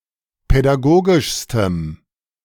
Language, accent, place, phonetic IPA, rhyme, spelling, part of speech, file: German, Germany, Berlin, [pɛdaˈɡoːɡɪʃstəm], -oːɡɪʃstəm, pädagogischstem, adjective, De-pädagogischstem.ogg
- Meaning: strong dative masculine/neuter singular superlative degree of pädagogisch